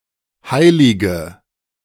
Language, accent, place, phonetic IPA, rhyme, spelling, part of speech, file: German, Germany, Berlin, [ˈhaɪ̯lɪɡə], -aɪ̯lɪɡə, heilige, adjective / verb, De-heilige.ogg
- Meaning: inflection of heilig: 1. strong/mixed nominative/accusative feminine singular 2. strong nominative/accusative plural 3. weak nominative all-gender singular 4. weak accusative feminine/neuter singular